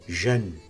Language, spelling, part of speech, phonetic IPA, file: Kabardian, жэн, verb, [ʒan], Жэн.ogg
- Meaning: to run